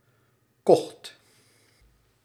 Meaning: singular past indicative of kopen
- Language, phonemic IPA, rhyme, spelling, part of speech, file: Dutch, /kɔxt/, -ɔxt, kocht, verb, Nl-kocht.ogg